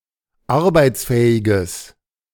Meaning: strong/mixed nominative/accusative neuter singular of arbeitsfähig
- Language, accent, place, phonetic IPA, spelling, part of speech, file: German, Germany, Berlin, [ˈaʁbaɪ̯t͡sˌfɛːɪɡəs], arbeitsfähiges, adjective, De-arbeitsfähiges.ogg